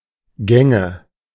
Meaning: nominative/accusative/genitive plural of Gang
- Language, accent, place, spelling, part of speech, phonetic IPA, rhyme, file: German, Germany, Berlin, Gänge, noun, [ˈɡɛŋə], -ɛŋə, De-Gänge.ogg